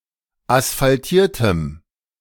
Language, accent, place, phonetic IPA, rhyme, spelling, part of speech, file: German, Germany, Berlin, [asfalˈtiːɐ̯təm], -iːɐ̯təm, asphaltiertem, adjective, De-asphaltiertem.ogg
- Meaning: strong dative masculine/neuter singular of asphaltiert